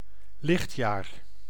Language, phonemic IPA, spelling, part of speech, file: Dutch, /ˈlɪxtjaːr/, lichtjaar, noun, Nl-lichtjaar.ogg
- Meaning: light year (astronomical distance taking a year at light speed)